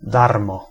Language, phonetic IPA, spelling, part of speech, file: Polish, [ˈdarmɔ], darmo, adverb, Pl-darmo.ogg